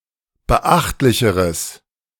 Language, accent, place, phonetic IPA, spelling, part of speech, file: German, Germany, Berlin, [bəˈʔaxtlɪçəʁəs], beachtlicheres, adjective, De-beachtlicheres.ogg
- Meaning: strong/mixed nominative/accusative neuter singular comparative degree of beachtlich